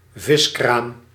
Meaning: fish stall (stall where fish is sold)
- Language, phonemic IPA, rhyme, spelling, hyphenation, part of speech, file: Dutch, /ˈvɪs.kraːm/, -ɪskraːm, viskraam, vis‧kraam, noun, Nl-viskraam.ogg